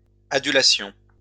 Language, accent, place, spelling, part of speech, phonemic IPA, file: French, France, Lyon, adulations, noun, /a.dy.la.tjɔ̃/, LL-Q150 (fra)-adulations.wav
- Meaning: plural of adulation